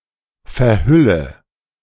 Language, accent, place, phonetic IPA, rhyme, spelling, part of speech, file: German, Germany, Berlin, [fɛɐ̯ˈhʏlə], -ʏlə, verhülle, verb, De-verhülle.ogg
- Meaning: inflection of verhüllen: 1. first-person singular present 2. singular imperative 3. first/third-person singular subjunctive I